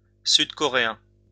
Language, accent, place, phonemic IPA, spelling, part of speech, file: French, France, Lyon, /syd.kɔ.ʁe.ɛ̃/, sud-coréen, adjective, LL-Q150 (fra)-sud-coréen.wav
- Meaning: South Korean (of South Korea)